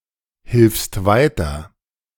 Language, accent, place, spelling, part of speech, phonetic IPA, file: German, Germany, Berlin, hilfst weiter, verb, [ˌhɪlfst ˈvaɪ̯tɐ], De-hilfst weiter.ogg
- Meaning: second-person singular present of weiterhelfen